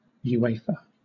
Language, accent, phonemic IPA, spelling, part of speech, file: English, Southern England, /juˈeɪfə/, UEFA, proper noun, LL-Q1860 (eng)-UEFA.wav
- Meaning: Acronym of Union of European Football Associations